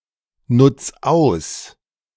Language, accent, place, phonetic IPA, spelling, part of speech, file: German, Germany, Berlin, [ˌnʊt͡s ˈaʊ̯s], nutz aus, verb, De-nutz aus.ogg
- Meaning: 1. singular imperative of ausnutzen 2. first-person singular present of ausnutzen